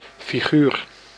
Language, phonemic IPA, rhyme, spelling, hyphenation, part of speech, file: Dutch, /fiˈɣyːr/, -yr, figuur, fi‧guur, noun, Nl-figuur.ogg
- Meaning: 1. figure, shape 2. figure, person